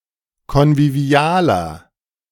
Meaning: inflection of konvivial: 1. strong/mixed nominative masculine singular 2. strong genitive/dative feminine singular 3. strong genitive plural
- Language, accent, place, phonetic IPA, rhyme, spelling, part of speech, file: German, Germany, Berlin, [kɔnviˈvi̯aːlɐ], -aːlɐ, konvivialer, adjective, De-konvivialer.ogg